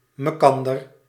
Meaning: each other
- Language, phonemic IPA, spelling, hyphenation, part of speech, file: Dutch, /məˈkɑn.dər/, mekander, me‧kan‧der, pronoun, Nl-mekander.ogg